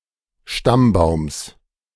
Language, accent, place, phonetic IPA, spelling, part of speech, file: German, Germany, Berlin, [ˈʃtamˌbaʊ̯ms], Stammbaums, noun, De-Stammbaums.ogg
- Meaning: genitive singular of Stammbaum